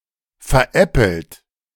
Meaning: past participle of veräppeln
- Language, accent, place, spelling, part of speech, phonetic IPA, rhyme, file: German, Germany, Berlin, veräppelt, verb, [fɛɐ̯ˈʔɛpl̩t], -ɛpl̩t, De-veräppelt.ogg